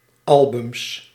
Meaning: plural of album
- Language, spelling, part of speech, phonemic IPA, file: Dutch, albums, noun, /ˈɑlbʏms/, Nl-albums.ogg